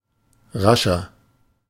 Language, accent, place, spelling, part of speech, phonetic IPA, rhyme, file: German, Germany, Berlin, rascher, adjective, [ˈʁaʃɐ], -aʃɐ, De-rascher.ogg
- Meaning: 1. comparative degree of rasch 2. inflection of rasch: strong/mixed nominative masculine singular 3. inflection of rasch: strong genitive/dative feminine singular